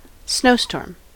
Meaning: 1. Bad weather involving blowing winds and snow, or blowing winds and heavy snowfall amount 2. A snow globe
- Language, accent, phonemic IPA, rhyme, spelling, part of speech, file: English, US, /ˈsnəʊstɔːm/, -əʊstɔːm, snowstorm, noun, En-us-snowstorm.ogg